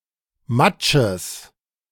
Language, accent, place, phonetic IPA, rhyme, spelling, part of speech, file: German, Germany, Berlin, [ˈmat͡ʃəs], -at͡ʃəs, Matsches, noun, De-Matsches.ogg
- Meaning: genitive singular of Matsch